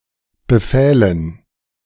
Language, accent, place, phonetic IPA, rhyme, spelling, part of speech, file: German, Germany, Berlin, [bəˈfɛːlən], -ɛːlən, befählen, verb, De-befählen.ogg
- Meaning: first/third-person plural subjunctive II of befehlen